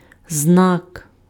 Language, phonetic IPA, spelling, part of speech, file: Ukrainian, [znak], знак, noun, Uk-знак.ogg
- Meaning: 1. symbol 2. omen 3. sign (trace, impression, token)